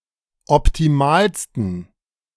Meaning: 1. superlative degree of optimal 2. inflection of optimal: strong genitive masculine/neuter singular superlative degree
- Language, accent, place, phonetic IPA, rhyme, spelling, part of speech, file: German, Germany, Berlin, [ɔptiˈmaːlstn̩], -aːlstn̩, optimalsten, adjective, De-optimalsten.ogg